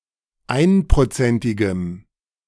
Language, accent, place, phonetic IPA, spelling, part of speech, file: German, Germany, Berlin, [ˈaɪ̯npʁoˌt͡sɛntɪɡəm], einprozentigem, adjective, De-einprozentigem.ogg
- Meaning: strong dative masculine/neuter singular of einprozentig